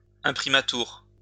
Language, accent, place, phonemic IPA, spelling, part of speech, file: French, France, Lyon, /ɛ̃.pʁi.ma.tyʁ/, imprimatur, noun, LL-Q150 (fra)-imprimatur.wav
- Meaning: imprimatur